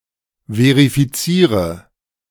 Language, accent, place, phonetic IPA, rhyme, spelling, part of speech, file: German, Germany, Berlin, [ˌveʁifiˈt͡siːʁə], -iːʁə, verifiziere, verb, De-verifiziere.ogg
- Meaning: inflection of verifizieren: 1. first-person singular present 2. first/third-person singular subjunctive I 3. singular imperative